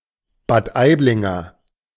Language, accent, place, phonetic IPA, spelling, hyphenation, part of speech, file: German, Germany, Berlin, [baːt ˈaɪ̯blɪŋɐ], Bad Aiblinger, Bad Aib‧lin‧ger, noun / adjective, De-Bad Aiblinger.ogg
- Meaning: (noun) A native or resident of Bad Aibling; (adjective) of Bad Aibling